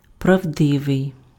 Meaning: true, truthful, veracious (conforming to facts or reality; not false)
- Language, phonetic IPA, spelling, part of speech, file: Ukrainian, [prɐu̯ˈdɪʋei̯], правдивий, adjective, Uk-правдивий.ogg